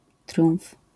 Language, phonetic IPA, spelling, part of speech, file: Polish, [trʲjũw̃f], triumf, noun, LL-Q809 (pol)-triumf.wav